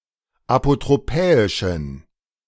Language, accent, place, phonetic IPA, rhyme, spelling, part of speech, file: German, Germany, Berlin, [apotʁoˈpɛːɪʃn̩], -ɛːɪʃn̩, apotropäischen, adjective, De-apotropäischen.ogg
- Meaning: inflection of apotropäisch: 1. strong genitive masculine/neuter singular 2. weak/mixed genitive/dative all-gender singular 3. strong/weak/mixed accusative masculine singular 4. strong dative plural